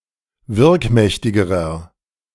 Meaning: inflection of wirkmächtig: 1. strong/mixed nominative masculine singular comparative degree 2. strong genitive/dative feminine singular comparative degree 3. strong genitive plural comparative degree
- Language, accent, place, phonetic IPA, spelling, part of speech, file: German, Germany, Berlin, [ˈvɪʁkˌmɛçtɪɡəʁɐ], wirkmächtigerer, adjective, De-wirkmächtigerer.ogg